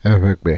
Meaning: Ewe language
- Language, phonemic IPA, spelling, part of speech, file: Ewe, /è.βè.ɡ͡bè/, Eʋegbe, proper noun, Ee- Eʋegbe.ogg